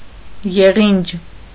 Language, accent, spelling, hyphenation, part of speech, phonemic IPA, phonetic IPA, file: Armenian, Eastern Armenian, եղինջ, ե‧ղինջ, noun, /jeˈʁind͡ʒ/, [jeʁínd͡ʒ], Hy-եղինջ.ogg
- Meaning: nettle